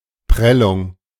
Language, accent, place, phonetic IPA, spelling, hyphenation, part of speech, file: German, Germany, Berlin, [ˈpʁɛlʊŋ], Prellung, Prel‧lung, noun, De-Prellung.ogg
- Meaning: bruise, contusion